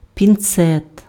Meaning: tweezers
- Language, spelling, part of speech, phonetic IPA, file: Ukrainian, пінцет, noun, [pʲinˈt͡sɛt], Uk-пінцет.ogg